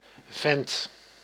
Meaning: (noun) chap, fellow; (verb) inflection of venten: 1. first/second/third-person singular present indicative 2. imperative
- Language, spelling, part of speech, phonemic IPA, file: Dutch, vent, noun / verb, /vɛnt/, Nl-vent.ogg